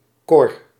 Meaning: 1. a male given name, hypocoristic form of Cornelis 2. a female given name, hypocoristic form of Cornelia
- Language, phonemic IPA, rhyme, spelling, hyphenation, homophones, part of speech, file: Dutch, /kɔr/, -ɔr, Cor, Cor, kor, proper noun, Nl-Cor.ogg